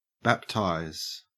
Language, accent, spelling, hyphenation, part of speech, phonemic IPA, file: English, Australia, baptize, bap‧tize, verb, /ˈbæptaɪz/, En-au-baptize.ogg
- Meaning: 1. To perform the sacrament of baptism by sprinkling or pouring water over someone or immersing them in water 2. To Christianize 3. To dedicate or christen